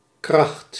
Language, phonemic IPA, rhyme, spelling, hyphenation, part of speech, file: Dutch, /krɑxt/, -ɑxt, kracht, kracht, noun, Nl-kracht.ogg
- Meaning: 1. power, force, strength 2. force